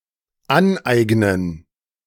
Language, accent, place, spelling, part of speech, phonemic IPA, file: German, Germany, Berlin, aneignen, verb, /ˈanˌʔaɪ̯ɡnən/, De-aneignen.ogg
- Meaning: 1. to appropriate 2. to acquire